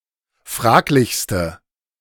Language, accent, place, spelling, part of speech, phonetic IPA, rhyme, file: German, Germany, Berlin, fraglichste, adjective, [ˈfʁaːklɪçstə], -aːklɪçstə, De-fraglichste.ogg
- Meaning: inflection of fraglich: 1. strong/mixed nominative/accusative feminine singular superlative degree 2. strong nominative/accusative plural superlative degree